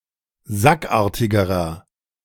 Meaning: inflection of sackartig: 1. strong/mixed nominative masculine singular comparative degree 2. strong genitive/dative feminine singular comparative degree 3. strong genitive plural comparative degree
- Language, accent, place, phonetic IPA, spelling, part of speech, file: German, Germany, Berlin, [ˈzakˌʔaːɐ̯tɪɡəʁɐ], sackartigerer, adjective, De-sackartigerer.ogg